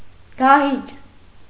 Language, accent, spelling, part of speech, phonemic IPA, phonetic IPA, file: Armenian, Eastern Armenian, դահիճ, noun, /dɑˈhit͡ʃ/, [dɑhít͡ʃ], Hy-դահիճ.ogg
- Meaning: 1. executioner, hangman 2. butcher, tormentor, slaughterer